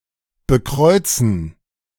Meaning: 1. to make the sign of the cross 2. to bless with the sign of the cross
- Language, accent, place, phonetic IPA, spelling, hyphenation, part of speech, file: German, Germany, Berlin, [bəˈkʁɔɪ̯t͡sn̩], bekreuzen, be‧kreu‧zen, verb, De-bekreuzen.ogg